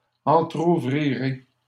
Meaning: first-person singular simple future of entrouvrir
- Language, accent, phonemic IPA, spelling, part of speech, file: French, Canada, /ɑ̃.tʁu.vʁi.ʁe/, entrouvrirai, verb, LL-Q150 (fra)-entrouvrirai.wav